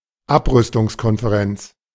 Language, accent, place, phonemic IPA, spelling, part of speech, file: German, Germany, Berlin, /ˈapʁʏstʊŋskɔnfeˌʁɛnt͡s/, Abrüstungskonferenz, noun, De-Abrüstungskonferenz.ogg
- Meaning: 1. Conference on Disarmament 2. disarmament conference (in general)